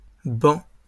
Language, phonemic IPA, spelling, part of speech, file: French, /bɑ̃/, bancs, noun, LL-Q150 (fra)-bancs.wav
- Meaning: plural of banc